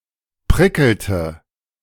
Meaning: inflection of prickeln: 1. first/third-person singular preterite 2. first/third-person singular subjunctive II
- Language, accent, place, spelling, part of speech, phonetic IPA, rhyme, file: German, Germany, Berlin, prickelte, verb, [ˈpʁɪkl̩tə], -ɪkl̩tə, De-prickelte.ogg